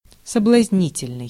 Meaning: 1. seductive 2. alluring, enticing 3. provocative 4. tempting
- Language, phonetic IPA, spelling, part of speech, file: Russian, [səbɫɐzʲˈnʲitʲɪlʲnɨj], соблазнительный, adjective, Ru-соблазнительный.ogg